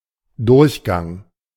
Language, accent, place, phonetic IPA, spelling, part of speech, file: German, Germany, Berlin, [ˈdʊʁçˌɡaŋ], Durchgang, noun, De-Durchgang.ogg
- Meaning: 1. passage, passageway, corridor, aisle, thoroughfare 2. transit 3. transition